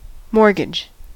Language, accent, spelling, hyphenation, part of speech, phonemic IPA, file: English, US, mortgage, mort‧gage, noun / verb, /ˈmoɹ.ɡɪd͡ʒ/, En-us-mortgage.ogg
- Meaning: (noun) 1. A legal agreement in which a borrower pledges real property as collateral for a loan used to purchase or refinance that property 2. The state of being pledged